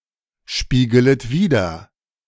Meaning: second-person plural subjunctive I of widerspiegeln
- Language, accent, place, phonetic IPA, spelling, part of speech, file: German, Germany, Berlin, [ˌʃpiːɡələt ˈviːdɐ], spiegelet wider, verb, De-spiegelet wider.ogg